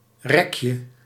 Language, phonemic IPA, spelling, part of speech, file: Dutch, /ˈrɛkjə/, rekje, noun, Nl-rekje.ogg
- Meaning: diminutive of rek